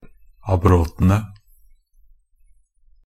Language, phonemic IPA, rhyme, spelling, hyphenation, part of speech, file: Norwegian Bokmål, /aˈbrɔtənə/, -ənə, abrotene, ab‧rot‧en‧e, noun, NB - Pronunciation of Norwegian Bokmål «abrotene».ogg
- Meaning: definite plural of abrot